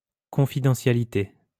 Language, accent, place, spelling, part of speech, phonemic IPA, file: French, France, Lyon, confidentialité, noun, /kɔ̃.fi.dɑ̃.sja.li.te/, LL-Q150 (fra)-confidentialité.wav
- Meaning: confidentiality